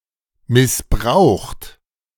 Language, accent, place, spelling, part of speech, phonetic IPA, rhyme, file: German, Germany, Berlin, missbraucht, verb, [mɪsˈbʁaʊ̯xt], -aʊ̯xt, De-missbraucht.ogg
- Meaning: past participle of missbrauchen